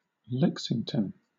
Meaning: A number of places in the United States: 1. A small city, the county seat of Oglethorpe County, Georgia 2. A city, the county seat of Fayette County, Kentucky, consolidated with the county
- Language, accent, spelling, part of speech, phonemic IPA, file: English, Southern England, Lexington, proper noun, /ˈlɛk.sɪŋ.tən/, LL-Q1860 (eng)-Lexington.wav